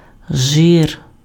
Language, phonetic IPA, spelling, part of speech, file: Ukrainian, [ʒɪr], жир, noun, Uk-жир.ogg
- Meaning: 1. fat or oil from the body of an animal 2. grease 3. clubs